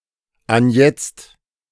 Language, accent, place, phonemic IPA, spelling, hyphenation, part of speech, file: German, Germany, Berlin, /anˈjɛt͡st/, anjetzt, an‧jetzt, adverb, De-anjetzt.ogg
- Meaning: now, at present